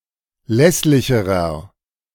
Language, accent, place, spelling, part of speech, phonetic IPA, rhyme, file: German, Germany, Berlin, lässlicherer, adjective, [ˈlɛslɪçəʁɐ], -ɛslɪçəʁɐ, De-lässlicherer.ogg
- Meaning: inflection of lässlich: 1. strong/mixed nominative masculine singular comparative degree 2. strong genitive/dative feminine singular comparative degree 3. strong genitive plural comparative degree